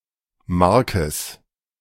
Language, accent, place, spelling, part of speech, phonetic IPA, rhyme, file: German, Germany, Berlin, Markes, noun, [ˈmaʁkəs], -aʁkəs, De-Markes.ogg
- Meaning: genitive singular of Mark